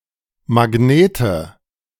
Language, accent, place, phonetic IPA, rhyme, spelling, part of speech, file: German, Germany, Berlin, [maˈɡneːtə], -eːtə, Magnete, noun, De-Magnete.ogg
- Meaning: nominative/accusative/genitive plural of Magnet